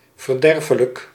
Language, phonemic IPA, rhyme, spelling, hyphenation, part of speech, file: Dutch, /vərˈdɛr.fə.lək/, -ɛrfələk, verderfelijk, ver‧der‧fe‧lijk, adjective, Nl-verderfelijk.ogg
- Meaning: 1. deleterious, pernicious 2. putrefiable, nondurable